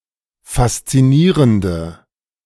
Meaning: inflection of faszinierend: 1. strong/mixed nominative/accusative feminine singular 2. strong nominative/accusative plural 3. weak nominative all-gender singular
- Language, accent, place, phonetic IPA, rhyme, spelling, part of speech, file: German, Germany, Berlin, [fast͡siˈniːʁəndə], -iːʁəndə, faszinierende, adjective, De-faszinierende.ogg